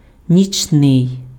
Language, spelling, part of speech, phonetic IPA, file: Ukrainian, нічний, adjective, [nʲit͡ʃˈnɪi̯], Uk-нічний.ogg
- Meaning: 1. night, nighttime (attributive) 2. nocturnal 3. nightly